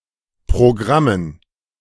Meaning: dative plural of Programm
- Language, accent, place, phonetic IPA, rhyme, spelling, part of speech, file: German, Germany, Berlin, [pʁoˈɡʁamən], -amən, Programmen, noun, De-Programmen.ogg